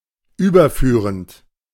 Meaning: present participle of überführen
- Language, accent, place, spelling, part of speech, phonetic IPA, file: German, Germany, Berlin, überführend, verb, [ˈyːbɐˌfyːʁənt], De-überführend.ogg